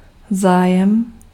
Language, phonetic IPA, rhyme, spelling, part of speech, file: Czech, [ˈzaːjɛm], -aːjɛm, zájem, noun, Cs-zájem.ogg
- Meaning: 1. interest (attention) 2. interest (an involvement, claim, right, share, stake in or link with a financial, business, or other undertaking or endeavor)